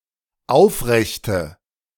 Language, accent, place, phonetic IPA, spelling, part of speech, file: German, Germany, Berlin, [ˈaʊ̯fˌʁɛçtə], aufrechte, adjective, De-aufrechte.ogg
- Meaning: inflection of aufrecht: 1. strong/mixed nominative/accusative feminine singular 2. strong nominative/accusative plural 3. weak nominative all-gender singular